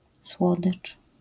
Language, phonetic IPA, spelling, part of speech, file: Polish, [ˈswɔdɨt͡ʃ], słodycz, noun, LL-Q809 (pol)-słodycz.wav